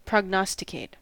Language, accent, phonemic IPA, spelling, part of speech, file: English, US, /pɹɒɡˈnɒstɪkeɪt/, prognosticate, verb, En-us-prognosticate.ogg
- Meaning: 1. To predict or forecast, especially through the application of skill 2. To presage, betoken